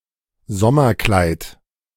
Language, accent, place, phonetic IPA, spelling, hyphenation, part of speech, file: German, Germany, Berlin, [ˈzɔmɐˌklaɪ̯t], Sommerkleid, Som‧mer‧kleid, noun, De-Sommerkleid.ogg
- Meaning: A summer dress